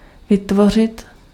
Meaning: 1. to create (to make sth new) 2. to create (to invent / to design sth)
- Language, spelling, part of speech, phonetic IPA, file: Czech, vytvořit, verb, [ˈvɪtvor̝ɪt], Cs-vytvořit.ogg